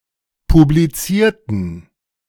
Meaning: inflection of publiziert: 1. strong genitive masculine/neuter singular 2. weak/mixed genitive/dative all-gender singular 3. strong/weak/mixed accusative masculine singular 4. strong dative plural
- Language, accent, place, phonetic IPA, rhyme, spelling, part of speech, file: German, Germany, Berlin, [publiˈt͡siːɐ̯tn̩], -iːɐ̯tn̩, publizierten, adjective, De-publizierten.ogg